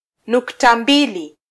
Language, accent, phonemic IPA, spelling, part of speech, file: Swahili, Kenya, /ˈnuk.tɑ ˈᵐbi.li/, nukta mbili, noun, Sw-ke-nukta mbili.flac
- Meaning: colon (punctuation mark)